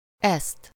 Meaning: accusative singular of ez
- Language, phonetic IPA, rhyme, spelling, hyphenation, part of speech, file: Hungarian, [ˈɛst], -ɛst, ezt, ezt, pronoun, Hu-ezt.ogg